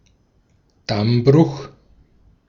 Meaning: dam failure
- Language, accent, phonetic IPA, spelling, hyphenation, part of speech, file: German, Austria, [ˈdamˌbʁʊx], Dammbruch, Damm‧bruch, noun, De-at-Dammbruch.ogg